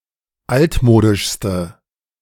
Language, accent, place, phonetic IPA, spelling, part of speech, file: German, Germany, Berlin, [ˈaltˌmoːdɪʃstə], altmodischste, adjective, De-altmodischste.ogg
- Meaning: inflection of altmodisch: 1. strong/mixed nominative/accusative feminine singular superlative degree 2. strong nominative/accusative plural superlative degree